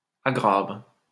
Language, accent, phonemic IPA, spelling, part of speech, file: French, France, /a.ɡʁav/, aggrave, verb, LL-Q150 (fra)-aggrave.wav
- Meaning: inflection of aggraver: 1. first/third-person singular present indicative/subjunctive 2. second-person singular imperative